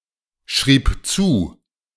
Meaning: first/third-person singular preterite of zuschreiben
- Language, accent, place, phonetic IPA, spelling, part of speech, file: German, Germany, Berlin, [ˌʃʁiːp ˈt͡suː], schrieb zu, verb, De-schrieb zu.ogg